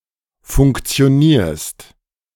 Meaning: second-person singular present of funktionieren
- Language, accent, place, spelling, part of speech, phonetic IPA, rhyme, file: German, Germany, Berlin, funktionierst, verb, [fʊŋkt͡si̯oˈniːɐ̯st], -iːɐ̯st, De-funktionierst.ogg